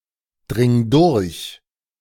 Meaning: singular imperative of durchdringen
- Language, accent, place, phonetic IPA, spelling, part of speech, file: German, Germany, Berlin, [ˌdʁɪŋ ˈdʊʁç], dring durch, verb, De-dring durch.ogg